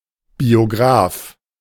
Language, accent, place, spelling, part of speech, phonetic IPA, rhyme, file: German, Germany, Berlin, Biograph, noun, [bioˈɡʁaːf], -aːf, De-Biograph.ogg
- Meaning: alternative spelling of Biograf